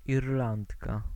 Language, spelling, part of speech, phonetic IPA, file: Polish, Irlandka, noun, [irˈlãntka], Pl-Irlandka.ogg